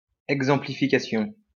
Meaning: exemplification
- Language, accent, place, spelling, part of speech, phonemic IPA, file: French, France, Lyon, exemplification, noun, /ɛɡ.zɑ̃.pli.fi.ka.sjɔ̃/, LL-Q150 (fra)-exemplification.wav